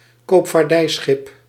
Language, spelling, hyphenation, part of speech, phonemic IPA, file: Dutch, koopvaardijschip, koop‧vaar‧dij‧schip, noun, /koːp.faːrˈdɛi̯ˌsxɪp/, Nl-koopvaardijschip.ogg
- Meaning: merchant ship